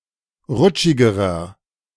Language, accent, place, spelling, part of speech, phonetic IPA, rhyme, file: German, Germany, Berlin, rutschigerer, adjective, [ˈʁʊt͡ʃɪɡəʁɐ], -ʊt͡ʃɪɡəʁɐ, De-rutschigerer.ogg
- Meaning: inflection of rutschig: 1. strong/mixed nominative masculine singular comparative degree 2. strong genitive/dative feminine singular comparative degree 3. strong genitive plural comparative degree